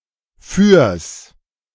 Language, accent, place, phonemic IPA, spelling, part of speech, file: German, Germany, Berlin, /fyːɐ̯s/, fürs, contraction, De-fürs.ogg
- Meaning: contraction of für (“for”) + das (“the”)